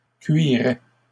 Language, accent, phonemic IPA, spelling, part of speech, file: French, Canada, /kɥi.ʁɛ/, cuiraient, verb, LL-Q150 (fra)-cuiraient.wav
- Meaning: 1. third-person plural imperfect indicative of cuirer 2. third-person plural conditional of cuire